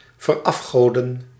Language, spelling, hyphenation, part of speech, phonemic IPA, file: Dutch, verafgoden, ver‧af‧go‧den, verb, /vərˈɑfˌɣoː.də(n)/, Nl-verafgoden.ogg
- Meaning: to idolize